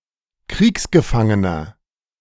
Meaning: prisoner of war (POW)
- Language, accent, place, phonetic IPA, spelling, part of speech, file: German, Germany, Berlin, [ˈkʁiːksɡəˌfaŋənɐ], Kriegsgefangener, noun, De-Kriegsgefangener.ogg